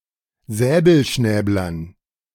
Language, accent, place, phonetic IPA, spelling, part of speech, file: German, Germany, Berlin, [ˈzɛːbl̩ˌʃnɛːblɐn], Säbelschnäblern, noun, De-Säbelschnäblern.ogg
- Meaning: dative plural of Säbelschnäbler